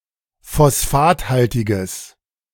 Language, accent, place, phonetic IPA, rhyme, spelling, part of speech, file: German, Germany, Berlin, [fɔsˈfaːtˌhaltɪɡəs], -aːthaltɪɡəs, phosphathaltiges, adjective, De-phosphathaltiges.ogg
- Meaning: strong/mixed nominative/accusative neuter singular of phosphathaltig